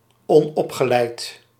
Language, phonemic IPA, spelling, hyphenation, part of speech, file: Dutch, /ˌɔnˈɔp.xə.lɛi̯t/, onopgeleid, on‧op‧ge‧leid, adjective, Nl-onopgeleid.ogg
- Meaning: uneducated (not having a (formal) education)